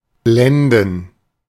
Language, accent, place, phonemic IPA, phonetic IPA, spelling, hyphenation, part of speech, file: German, Germany, Berlin, /ˈblɛndən/, [ˈblɛndn̩], blenden, blen‧den, verb, De-blenden.ogg
- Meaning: to dazzle; to blind (confuse someone’s sight by means of excessive brightness)